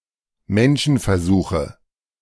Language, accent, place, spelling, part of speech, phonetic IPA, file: German, Germany, Berlin, Menschenversuche, noun, [ˈmɛnʃn̩fɛɐ̯ˌzuːxə], De-Menschenversuche.ogg
- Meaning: nominative/accusative/genitive plural of Menschenversuch